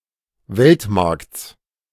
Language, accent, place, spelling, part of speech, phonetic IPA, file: German, Germany, Berlin, Weltmarkts, noun, [ˈvɛltˌmaʁkt͡s], De-Weltmarkts.ogg
- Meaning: genitive singular of Weltmarkt